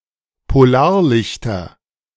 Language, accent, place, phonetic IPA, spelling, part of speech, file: German, Germany, Berlin, [poˈlaːɐ̯ˌlɪçtɐ], Polarlichter, noun, De-Polarlichter.ogg
- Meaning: nominative/accusative/genitive plural of Polarlicht